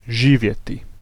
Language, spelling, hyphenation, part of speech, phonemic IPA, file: Serbo-Croatian, živjeti, ži‧vje‧ti, verb, /ʒǐːʋjeti/, Hr-živjeti.ogg
- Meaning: 1. to live, exist, be alive 2. to live, dwell, reside